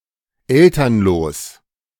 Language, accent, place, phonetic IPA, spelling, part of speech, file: German, Germany, Berlin, [ˈɛltɐnloːs], elternlos, adjective, De-elternlos.ogg
- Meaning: parentless (without a (living) parent)